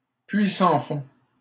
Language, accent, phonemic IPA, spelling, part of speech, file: French, Canada, /pɥi sɑ̃ fɔ̃/, puits sans fond, noun, LL-Q150 (fra)-puits sans fond.wav
- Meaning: money pit